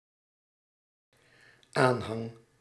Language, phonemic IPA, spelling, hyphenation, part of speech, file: Dutch, /ˈaːn.ɦɑŋ/, aanhang, aan‧hang, noun / verb, Nl-aanhang.ogg
- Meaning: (noun) 1. support, following, the totality of supporters 2. the collection of romantic partners of a group of friends / family 3. appendix (that which is appended)